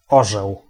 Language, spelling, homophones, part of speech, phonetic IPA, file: Polish, orzeł, Orzeł, noun, [ˈɔʒɛw], Pl-orzeł.ogg